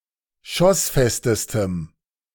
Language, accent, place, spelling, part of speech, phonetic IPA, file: German, Germany, Berlin, schossfestestem, adjective, [ˈʃɔsˌfɛstəstəm], De-schossfestestem.ogg
- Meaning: strong dative masculine/neuter singular superlative degree of schossfest